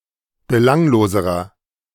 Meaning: inflection of belanglos: 1. strong/mixed nominative masculine singular comparative degree 2. strong genitive/dative feminine singular comparative degree 3. strong genitive plural comparative degree
- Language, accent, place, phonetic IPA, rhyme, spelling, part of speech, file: German, Germany, Berlin, [bəˈlaŋloːzəʁɐ], -aŋloːzəʁɐ, belangloserer, adjective, De-belangloserer.ogg